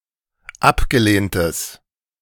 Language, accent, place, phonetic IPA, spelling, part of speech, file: German, Germany, Berlin, [ˈapɡəˌleːntəs], abgelehntes, adjective, De-abgelehntes.ogg
- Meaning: strong/mixed nominative/accusative neuter singular of abgelehnt